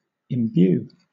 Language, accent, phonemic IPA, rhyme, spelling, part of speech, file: English, Southern England, /ɪmˈbjuː/, -uː, imbue, verb, LL-Q1860 (eng)-imbue.wav
- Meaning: 1. To instill or inspire (someone) with a certain quality, feeling, or idea 2. To wet or stain an object completely with some physical quality